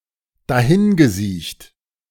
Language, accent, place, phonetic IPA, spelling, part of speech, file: German, Germany, Berlin, [daˈhɪnɡəˌziːçt], dahingesiecht, verb, De-dahingesiecht.ogg
- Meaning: past participle of dahinsiechen